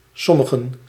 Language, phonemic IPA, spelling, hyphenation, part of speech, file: Dutch, /ˈsɔ.mə.ɣə(n)/, sommigen, som‧mi‧gen, pronoun, Nl-sommigen.ogg
- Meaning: personal plural of sommige (“some”)